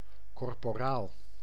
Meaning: a corporal, low (para)military rank, below sergeant
- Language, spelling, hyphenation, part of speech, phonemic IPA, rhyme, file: Dutch, korporaal, kor‧po‧raal, noun, /ˌkɔr.poːˈraːl/, -aːl, Nl-korporaal.ogg